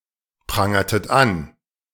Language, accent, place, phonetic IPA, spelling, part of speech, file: German, Germany, Berlin, [ˌpʁaŋɐtət ˈan], prangertet an, verb, De-prangertet an.ogg
- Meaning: inflection of anprangern: 1. second-person plural preterite 2. second-person plural subjunctive II